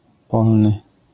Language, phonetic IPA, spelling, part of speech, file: Polish, [ˈpɔlnɨ], polny, adjective, LL-Q809 (pol)-polny.wav